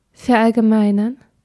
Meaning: to generalize
- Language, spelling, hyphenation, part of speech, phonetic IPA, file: German, verallgemeinern, ver‧all‧ge‧mei‧nern, verb, [fɛɐ̯ʔalɡəˈmaɪ̯nɐn], De-verallgemeinern.ogg